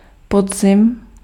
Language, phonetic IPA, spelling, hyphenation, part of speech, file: Czech, [ˈpodzɪm], podzim, pod‧zim, noun, Cs-podzim.ogg
- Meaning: autumn, fall